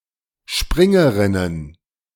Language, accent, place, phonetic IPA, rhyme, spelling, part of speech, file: German, Germany, Berlin, [ˈʃpʁɪŋəʁɪnən], -ɪŋəʁɪnən, Springerinnen, noun, De-Springerinnen.ogg
- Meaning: plural of Springerin